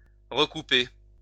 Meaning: to recut
- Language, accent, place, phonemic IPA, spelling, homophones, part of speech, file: French, France, Lyon, /ʁə.ku.pe/, recouper, recoupai / recoupez / recoupé / recoupée / recoupées / recoupés, verb, LL-Q150 (fra)-recouper.wav